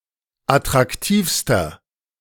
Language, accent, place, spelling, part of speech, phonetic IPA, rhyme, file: German, Germany, Berlin, attraktivster, adjective, [atʁakˈtiːfstɐ], -iːfstɐ, De-attraktivster.ogg
- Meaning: inflection of attraktiv: 1. strong/mixed nominative masculine singular superlative degree 2. strong genitive/dative feminine singular superlative degree 3. strong genitive plural superlative degree